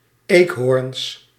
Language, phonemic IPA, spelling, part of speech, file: Dutch, /ˈekhorᵊns/, eekhoorns, noun, Nl-eekhoorns.ogg
- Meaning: plural of eekhoorn